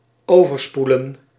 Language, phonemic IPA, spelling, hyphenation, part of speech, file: Dutch, /ˌoː.vərˈspu.lə(n)/, overspoelen, over‧spoe‧len, verb, Nl-overspoelen.ogg
- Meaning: to engulf, to flood, to wash over